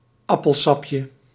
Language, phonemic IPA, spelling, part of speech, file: Dutch, /ˈɑpəlsɑpjə/, appelsapje, noun, Nl-appelsapje.ogg
- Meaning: diminutive of appelsap